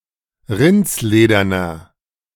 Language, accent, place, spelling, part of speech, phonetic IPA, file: German, Germany, Berlin, rindslederner, adjective, [ˈʁɪnt͡sˌleːdɐnɐ], De-rindslederner.ogg
- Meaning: inflection of rindsledern: 1. strong/mixed nominative masculine singular 2. strong genitive/dative feminine singular 3. strong genitive plural